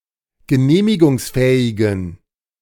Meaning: inflection of genehmigungsfähig: 1. strong genitive masculine/neuter singular 2. weak/mixed genitive/dative all-gender singular 3. strong/weak/mixed accusative masculine singular
- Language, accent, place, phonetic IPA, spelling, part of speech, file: German, Germany, Berlin, [ɡəˈneːmɪɡʊŋsˌfɛːɪɡn̩], genehmigungsfähigen, adjective, De-genehmigungsfähigen.ogg